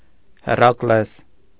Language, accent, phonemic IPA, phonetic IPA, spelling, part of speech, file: Armenian, Eastern Armenian, /heɾɑkˈles/, [heɾɑklés], Հերակլես, proper noun, Hy-Հերակլես.ogg
- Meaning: Heracles